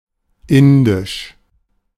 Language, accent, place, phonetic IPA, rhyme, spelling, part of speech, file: German, Germany, Berlin, [ˈɪndɪʃ], -ɪndɪʃ, indisch, adjective, De-indisch.ogg
- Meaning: Indian (of or pertaining to India or its people); Indic